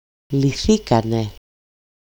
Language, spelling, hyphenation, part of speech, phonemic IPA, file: Greek, λυθήκανε, λυ‧θή‧κα‧νε, verb, /liˈθikane/, El-λυθήκανε.ogg
- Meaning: third-person plural simple past passive indicative of λύνω (lýno)